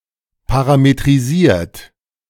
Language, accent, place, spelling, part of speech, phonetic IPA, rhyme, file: German, Germany, Berlin, parametrisiert, verb, [ˌpaʁametʁiˈziːɐ̯t], -iːɐ̯t, De-parametrisiert.ogg
- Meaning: 1. past participle of parametrisieren 2. inflection of parametrisieren: third-person singular present 3. inflection of parametrisieren: second-person plural present